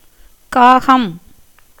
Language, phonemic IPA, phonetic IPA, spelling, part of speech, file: Tamil, /kɑːɡɐm/, [käːɡɐm], காகம், noun, Ta-காகம்.ogg
- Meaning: crow